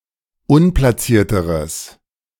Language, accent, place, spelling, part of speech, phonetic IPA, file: German, Germany, Berlin, unplacierteres, adjective, [ˈʊnplasiːɐ̯təʁəs], De-unplacierteres.ogg
- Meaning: strong/mixed nominative/accusative neuter singular comparative degree of unplaciert